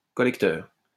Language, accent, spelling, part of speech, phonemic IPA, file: French, France, collecteur, noun, /kɔ.lɛk.tœʁ/, LL-Q150 (fra)-collecteur.wav
- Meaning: 1. collector (all senses) 2. main drain / sewer